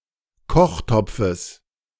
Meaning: genitive singular of Kochtopf
- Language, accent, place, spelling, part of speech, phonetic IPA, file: German, Germany, Berlin, Kochtopfes, noun, [ˈkɔxˌtɔp͡fəs], De-Kochtopfes.ogg